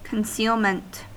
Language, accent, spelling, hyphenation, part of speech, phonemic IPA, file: English, US, concealment, con‧ceal‧ment, noun, /kənˈsiːlmənt/, En-us-concealment.ogg
- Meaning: 1. The practice of keeping secrets 2. The condition of being hidden or concealed 3. protection from observation or surveillance